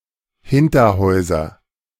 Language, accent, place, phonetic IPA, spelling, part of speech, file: German, Germany, Berlin, [ˈhɪntɐˌhɔɪ̯zɐ], Hinterhäuser, noun, De-Hinterhäuser.ogg
- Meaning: nominative/accusative/genitive plural of Hinterhaus